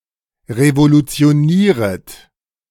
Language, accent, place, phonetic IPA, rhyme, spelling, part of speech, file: German, Germany, Berlin, [ʁevolut͡si̯oˈniːʁət], -iːʁət, revolutionieret, verb, De-revolutionieret.ogg
- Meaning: second-person plural subjunctive I of revolutionieren